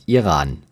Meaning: Iran (a country in West Asia)
- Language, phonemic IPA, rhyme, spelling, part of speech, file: German, /iˈʁaːn/, -aːn, Iran, proper noun, De-Iran.ogg